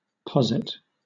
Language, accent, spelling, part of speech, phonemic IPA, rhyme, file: English, Southern England, posit, noun / verb, /ˈpɒzɪt/, -ɒzɪt, LL-Q1860 (eng)-posit.wav
- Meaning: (noun) 1. Something that is posited; a postulate 2. Abbreviation of position